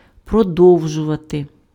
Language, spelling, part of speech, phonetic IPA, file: Ukrainian, продовжувати, verb, [prɔˈdɔu̯ʒʊʋɐte], Uk-продовжувати.ogg
- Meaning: to continue